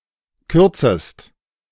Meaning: second-person singular subjunctive I of kürzen
- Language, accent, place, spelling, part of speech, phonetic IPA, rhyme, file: German, Germany, Berlin, kürzest, verb, [ˈkʏʁt͡səst], -ʏʁt͡səst, De-kürzest.ogg